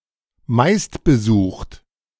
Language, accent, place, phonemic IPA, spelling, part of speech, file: German, Germany, Berlin, /ˈmaɪ̯stbəˌzuːχt/, meistbesucht, adjective, De-meistbesucht.ogg
- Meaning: most-visited